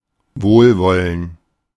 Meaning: 1. goodwill; favour; sympathy 2. benevolence; benignity
- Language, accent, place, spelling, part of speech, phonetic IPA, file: German, Germany, Berlin, Wohlwollen, noun, [ˈvoːlˌvɔlən], De-Wohlwollen.ogg